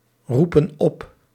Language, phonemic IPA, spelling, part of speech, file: Dutch, /ˈrupə(n) ˈɔp/, roepen op, verb, Nl-roepen op.ogg
- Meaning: inflection of oproepen: 1. plural present indicative 2. plural present subjunctive